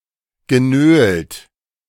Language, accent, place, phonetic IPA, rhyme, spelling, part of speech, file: German, Germany, Berlin, [ɡəˈnøːlt], -øːlt, genölt, verb, De-genölt.ogg
- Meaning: past participle of nölen